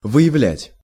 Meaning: 1. to reveal, to display 2. to discover, to uncover, to bring to light, to identify, to detect
- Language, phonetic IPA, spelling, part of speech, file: Russian, [vɨ(j)ɪˈvlʲætʲ], выявлять, verb, Ru-выявлять.ogg